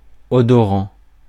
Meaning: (adjective) scented, aromatic; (verb) present participle of odorer
- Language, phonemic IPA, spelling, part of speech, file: French, /ɔ.dɔ.ʁɑ̃/, odorant, adjective / verb, Fr-odorant.ogg